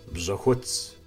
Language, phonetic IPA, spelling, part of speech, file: Kabardian, [bɕaxʷət͡s], бжьэхуц, noun, Бжьэхуц.ogg
- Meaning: wool